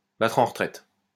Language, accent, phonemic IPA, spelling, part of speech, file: French, France, /ba.tʁ‿ɑ̃ ʁə.tʁɛt/, battre en retraite, verb, LL-Q150 (fra)-battre en retraite.wav
- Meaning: to retreat, to beat a retreat